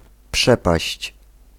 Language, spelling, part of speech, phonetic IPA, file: Polish, przepaść, noun / verb, [ˈpʃɛpaɕt͡ɕ], Pl-przepaść.ogg